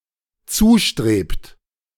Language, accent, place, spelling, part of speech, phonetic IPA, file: German, Germany, Berlin, zustrebt, verb, [ˈt͡suːˌʃtʁeːpt], De-zustrebt.ogg
- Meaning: inflection of zustreben: 1. third-person singular dependent present 2. second-person plural dependent present